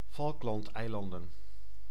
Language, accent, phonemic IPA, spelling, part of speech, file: Dutch, Netherlands, /ˈfɑlᵊklɑntˌɛilɑndə(n)/, Falklandeilanden, proper noun, Nl-Falklandeilanden.ogg
- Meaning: Falkland Islands (an archipelago and overseas territory of the United Kingdom, located in the South Atlantic)